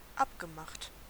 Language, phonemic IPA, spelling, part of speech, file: German, /ˈapɡəˌmaxt/, abgemacht, verb / adjective, De-abgemacht.ogg
- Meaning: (verb) past participle of abmachen; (adjective) 1. agreed 2. settled